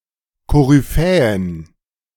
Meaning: plural of Koryphäe
- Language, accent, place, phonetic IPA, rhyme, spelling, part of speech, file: German, Germany, Berlin, [ˌkoʁyˈfɛːən], -ɛːən, Koryphäen, noun, De-Koryphäen.ogg